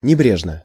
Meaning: 1. negligently, perfunctorily (in a negligent manner) 2. jauntily (in a dapper or stylish manner)
- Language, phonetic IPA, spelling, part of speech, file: Russian, [nʲɪˈbrʲeʐnə], небрежно, adverb, Ru-небрежно.ogg